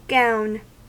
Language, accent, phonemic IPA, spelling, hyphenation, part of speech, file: English, US, /ˈɡaʊ̯n/, gown, gown, noun / verb, En-us-gown.ogg
- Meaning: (noun) 1. A loose, flowing upper garment 2. A woman's ordinary outer dress, such as a calico or silk gown